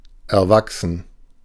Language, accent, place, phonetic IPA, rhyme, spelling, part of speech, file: German, Germany, Berlin, [ɛɐ̯ˈvaksn̩], -aksn̩, erwachsen, adjective, De-erwachsen.ogg
- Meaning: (verb) 1. to grow up, to grow 2. to spring up, to spring from, to proceed from 3. to accrue 4. to grow out of 5. to arise (difficulties, tasks) 6. past participle of erwachsen